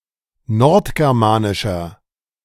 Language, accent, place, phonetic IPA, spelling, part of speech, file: German, Germany, Berlin, [ˈnɔʁtɡɛʁˌmaːnɪʃɐ], nordgermanischer, adjective, De-nordgermanischer.ogg
- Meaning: inflection of nordgermanisch: 1. strong/mixed nominative masculine singular 2. strong genitive/dative feminine singular 3. strong genitive plural